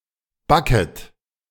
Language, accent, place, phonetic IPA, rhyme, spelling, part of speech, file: German, Germany, Berlin, [ˈbakət], -akət, backet, verb, De-backet.ogg
- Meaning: second-person plural subjunctive I of backen